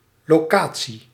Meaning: location
- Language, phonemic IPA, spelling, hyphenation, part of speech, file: Dutch, /loːˈkaː.(t)si/, locatie, lo‧ca‧tie, noun, Nl-locatie.ogg